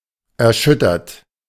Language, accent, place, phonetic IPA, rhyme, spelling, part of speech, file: German, Germany, Berlin, [ɛɐ̯ˈʃʏtɐt], -ʏtɐt, erschüttert, verb, De-erschüttert.ogg
- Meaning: 1. past participle of erschüttern 2. inflection of erschüttern: third-person singular present 3. inflection of erschüttern: second-person plural present 4. inflection of erschüttern: plural imperative